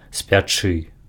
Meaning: 1. to bake (to prepare flour products by baking) 2. to fry (to prepare food by frying) 3. to burn (to hurt something with fire or something hot) 4. to be on fire
- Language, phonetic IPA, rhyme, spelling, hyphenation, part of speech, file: Belarusian, [sʲpʲaˈt͡ʂɨ], -ɨ, спячы, спя‧чы, verb, Be-спячы.ogg